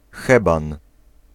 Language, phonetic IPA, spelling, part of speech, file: Polish, [ˈxɛbãn], heban, noun, Pl-heban.ogg